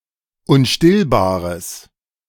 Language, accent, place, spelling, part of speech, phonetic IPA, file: German, Germany, Berlin, unstillbares, adjective, [ʊnˈʃtɪlbaːʁəs], De-unstillbares.ogg
- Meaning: strong/mixed nominative/accusative neuter singular of unstillbar